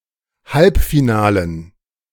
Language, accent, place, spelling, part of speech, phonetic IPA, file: German, Germany, Berlin, Halbfinalen, noun, [ˈhalpfiˌnaːlən], De-Halbfinalen.ogg
- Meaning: dative plural of Halbfinale